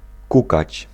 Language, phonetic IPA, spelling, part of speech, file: Polish, [ˈkukat͡ɕ], kukać, verb, Pl-kukać.ogg